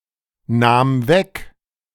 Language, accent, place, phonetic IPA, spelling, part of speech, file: German, Germany, Berlin, [ˌnaːm ˈvɛk], nahm weg, verb, De-nahm weg.ogg
- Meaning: first/third-person singular preterite of wegnehmen